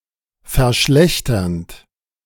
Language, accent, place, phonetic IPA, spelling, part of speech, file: German, Germany, Berlin, [fɛɐ̯ˈʃlɛçtɐnt], verschlechternd, verb, De-verschlechternd.ogg
- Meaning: present participle of verschlechtern